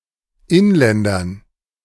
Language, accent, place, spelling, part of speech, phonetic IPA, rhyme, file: German, Germany, Berlin, Inländern, noun, [ˈɪnˌlɛndɐn], -ɪnlɛndɐn, De-Inländern.ogg
- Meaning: dative plural of Inländer